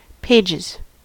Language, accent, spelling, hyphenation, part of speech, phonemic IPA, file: English, US, pages, pa‧ges, noun / verb, /ˈpeɪd͡ʒɪz/, En-us-pages.ogg
- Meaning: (noun) plural of page; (verb) third-person singular simple present indicative of page